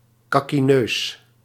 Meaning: posh, pretentious, foppish
- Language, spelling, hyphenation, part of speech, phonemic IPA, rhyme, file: Dutch, kakkineus, kak‧ki‧neus, adjective, /ˌkɑ.kiˈnøːs/, -øːs, Nl-kakkineus.ogg